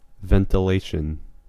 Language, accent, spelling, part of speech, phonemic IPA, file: English, US, ventilation, noun, /ˌvɛntɪˈleɪʃ(ə)n/, En-us-ventilation.ogg
- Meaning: 1. The replacement of stale or noxious air with fresh 2. The mechanical system used to circulate and replace air 3. An exchange of views during a discussion 4. The public exposure of an issue or topic